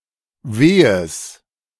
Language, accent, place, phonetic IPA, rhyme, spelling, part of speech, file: German, Germany, Berlin, [ˈveːəs], -eːəs, wehes, adjective, De-wehes.ogg
- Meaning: strong/mixed nominative/accusative neuter singular of weh